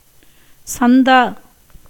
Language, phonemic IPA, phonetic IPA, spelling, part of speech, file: Tamil, /tʃɐnd̪ɑː/, [sɐn̪d̪äː], சந்தா, noun, Ta-சந்தா.ogg
- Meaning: 1. subscription 2. instalment